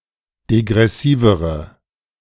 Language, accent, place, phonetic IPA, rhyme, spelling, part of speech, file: German, Germany, Berlin, [deɡʁɛˈsiːvəʁə], -iːvəʁə, degressivere, adjective, De-degressivere.ogg
- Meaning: inflection of degressiv: 1. strong/mixed nominative/accusative feminine singular comparative degree 2. strong nominative/accusative plural comparative degree